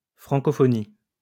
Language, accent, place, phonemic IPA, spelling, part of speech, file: French, France, Lyon, /fʁɑ̃.kɔ.fɔ.ni/, francophonie, noun, LL-Q150 (fra)-francophonie.wav
- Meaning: Francophonie